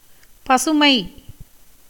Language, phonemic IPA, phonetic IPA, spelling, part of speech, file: Tamil, /pɐtʃʊmɐɪ̯/, [pɐsʊmɐɪ̯], பசுமை, noun, Ta-பசுமை.ogg
- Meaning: 1. greenness, verdure 2. coolness, moistness 3. youth, tenderness 4. elegance, beauty, pleasantness 5. newness, freshness, rawness 6. essence, essential part of a thing 7. good, advantage